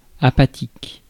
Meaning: 1. apathetic 2. inactive, sluggish
- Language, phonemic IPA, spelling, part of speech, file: French, /a.pa.tik/, apathique, adjective, Fr-apathique.ogg